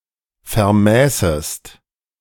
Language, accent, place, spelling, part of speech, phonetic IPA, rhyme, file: German, Germany, Berlin, vermäßest, verb, [fɛɐ̯ˈmɛːsəst], -ɛːsəst, De-vermäßest.ogg
- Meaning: second-person singular subjunctive II of vermessen